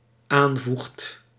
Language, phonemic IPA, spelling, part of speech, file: Dutch, /ˈaɱvuxt/, aanvoegt, verb, Nl-aanvoegt.ogg
- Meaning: second/third-person singular dependent-clause present indicative of aanvoegen